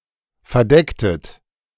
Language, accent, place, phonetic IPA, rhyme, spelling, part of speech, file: German, Germany, Berlin, [fɛɐ̯ˈdɛktət], -ɛktət, verdecktet, verb, De-verdecktet.ogg
- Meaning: inflection of verdecken: 1. second-person plural preterite 2. second-person plural subjunctive II